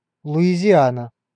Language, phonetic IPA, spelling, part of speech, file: Russian, [ɫʊɪzʲɪˈanə], Луизиана, proper noun, Ru-Луизиана.ogg
- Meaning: Louisiana (a state in the Deep South and South Central regions of the United States)